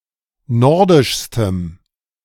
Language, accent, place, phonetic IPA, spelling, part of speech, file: German, Germany, Berlin, [ˈnɔʁdɪʃstəm], nordischstem, adjective, De-nordischstem.ogg
- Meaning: strong dative masculine/neuter singular superlative degree of nordisch